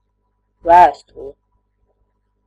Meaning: letter (a written message for someone, especially if sent by mail)
- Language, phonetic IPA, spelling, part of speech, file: Latvian, [ˈvæ̀ːstulɛ], vēstule, noun, Lv-vēstule.ogg